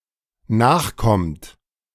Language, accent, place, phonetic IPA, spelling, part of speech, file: German, Germany, Berlin, [ˈnaːxˌkɔmt], nachkommt, verb, De-nachkommt.ogg
- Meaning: inflection of nachkommen: 1. third-person singular dependent present 2. second-person plural dependent present